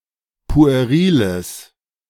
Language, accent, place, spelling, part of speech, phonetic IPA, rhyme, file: German, Germany, Berlin, pueriles, adjective, [pu̯eˈʁiːləs], -iːləs, De-pueriles.ogg
- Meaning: strong/mixed nominative/accusative neuter singular of pueril